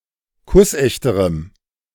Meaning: strong dative masculine/neuter singular comparative degree of kussecht
- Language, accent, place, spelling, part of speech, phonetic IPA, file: German, Germany, Berlin, kussechterem, adjective, [ˈkʊsˌʔɛçtəʁəm], De-kussechterem.ogg